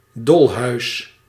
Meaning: 1. insane asylum, nuthouse (mental institution) 2. insane asylum, madhouse (crazy situation or location)
- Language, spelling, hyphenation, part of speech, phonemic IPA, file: Dutch, dolhuis, dol‧huis, noun, /ˈdɔl.ɦœy̯s/, Nl-dolhuis.ogg